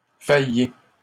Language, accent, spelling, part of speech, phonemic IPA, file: French, Canada, faillez, verb, /fa.je/, LL-Q150 (fra)-faillez.wav
- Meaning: second-person plural present indicative of faillir